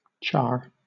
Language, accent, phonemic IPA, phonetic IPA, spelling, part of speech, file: English, Southern England, /t͡ʃɑː/, [t͡ʃaː], char, verb / noun, LL-Q1860 (eng)-char.wav
- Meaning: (verb) 1. To burn something to charcoal; to be burnt to charcoal 2. To burn (something) severely, so as to blacken it 3. To burn (something) slightly or superficially so as to affect colour